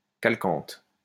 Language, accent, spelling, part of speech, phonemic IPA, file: French, France, calcanthe, noun, /kal.kɑ̃t/, LL-Q150 (fra)-calcanthe.wav
- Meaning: alternative form of chalcanthe